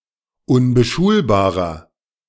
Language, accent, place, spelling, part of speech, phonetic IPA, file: German, Germany, Berlin, unbeschulbarer, adjective, [ʊnbəˈʃuːlbaːʁɐ], De-unbeschulbarer.ogg
- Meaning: inflection of unbeschulbar: 1. strong/mixed nominative masculine singular 2. strong genitive/dative feminine singular 3. strong genitive plural